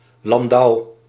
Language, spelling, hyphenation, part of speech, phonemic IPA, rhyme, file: Dutch, landouw, lan‧douw, noun, /lɑnˈdɑu̯/, -ɑu̯, Nl-landouw.ogg
- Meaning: fertile rustic, agricultural region